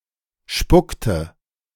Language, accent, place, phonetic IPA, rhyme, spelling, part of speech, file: German, Germany, Berlin, [ˈʃpʊktə], -ʊktə, spuckte, verb, De-spuckte.ogg
- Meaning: inflection of spucken: 1. first/third-person singular preterite 2. first/third-person singular subjunctive II